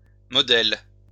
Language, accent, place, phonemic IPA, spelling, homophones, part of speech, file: French, France, Lyon, /mɔ.dɛl/, modèles, modèle, noun / verb, LL-Q150 (fra)-modèles.wav
- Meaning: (noun) plural of modèle; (verb) second-person singular present indicative/subjunctive of modeler